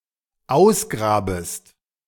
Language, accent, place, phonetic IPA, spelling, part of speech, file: German, Germany, Berlin, [ˈaʊ̯sˌɡʁaːbəst], ausgrabest, verb, De-ausgrabest.ogg
- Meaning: second-person singular dependent subjunctive I of ausgraben